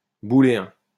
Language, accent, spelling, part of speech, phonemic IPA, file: French, France, booléen, adjective, /bu.le.ɛ̃/, LL-Q150 (fra)-booléen.wav
- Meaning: Boolean